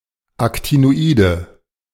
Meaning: nominative/accusative/genitive plural of Actinoid
- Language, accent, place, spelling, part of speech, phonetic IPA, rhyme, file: German, Germany, Berlin, Actinoide, noun, [ˌaktinoˈiːdə], -iːdə, De-Actinoide.ogg